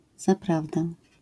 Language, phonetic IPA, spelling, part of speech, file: Polish, [zaˈpravdɛ], zaprawdę, particle, LL-Q809 (pol)-zaprawdę.wav